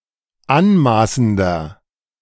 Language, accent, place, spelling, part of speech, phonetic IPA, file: German, Germany, Berlin, anmaßender, adjective, [ˈanˌmaːsn̩dɐ], De-anmaßender.ogg
- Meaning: 1. comparative degree of anmaßend 2. inflection of anmaßend: strong/mixed nominative masculine singular 3. inflection of anmaßend: strong genitive/dative feminine singular